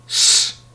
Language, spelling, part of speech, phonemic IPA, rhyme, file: Dutch, s, character, /ɛs/, -ɛs, Nl-s.ogg
- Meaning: The nineteenth letter of the Dutch alphabet, written in the Latin script